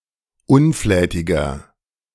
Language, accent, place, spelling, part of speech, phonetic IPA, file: German, Germany, Berlin, unflätiger, adjective, [ˈʊnˌflɛːtɪɡɐ], De-unflätiger.ogg
- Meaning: inflection of unflätig: 1. strong/mixed nominative masculine singular 2. strong genitive/dative feminine singular 3. strong genitive plural